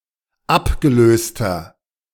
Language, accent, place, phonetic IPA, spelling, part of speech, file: German, Germany, Berlin, [ˈapɡəˌløːstɐ], abgelöster, adjective, De-abgelöster.ogg
- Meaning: inflection of abgelöst: 1. strong/mixed nominative masculine singular 2. strong genitive/dative feminine singular 3. strong genitive plural